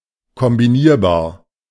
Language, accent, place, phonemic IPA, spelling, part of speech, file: German, Germany, Berlin, /kɔmbiˈniːɐ̯baːɐ̯/, kombinierbar, adjective, De-kombinierbar.ogg
- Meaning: combinable